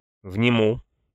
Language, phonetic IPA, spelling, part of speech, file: Russian, [vnʲɪˈmu], вниму, verb, Ru-вниму.ogg
- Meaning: first-person singular future indicative perfective of внять (vnjatʹ)